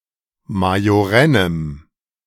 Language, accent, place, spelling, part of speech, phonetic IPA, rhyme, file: German, Germany, Berlin, majorennem, adjective, [majoˈʁɛnəm], -ɛnəm, De-majorennem.ogg
- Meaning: strong dative masculine/neuter singular of majorenn